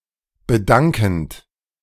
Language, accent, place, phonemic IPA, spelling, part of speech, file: German, Germany, Berlin, /bə.ˈdaŋ.kənt/, bedankend, verb, De-bedankend.ogg
- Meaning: present participle of bedanken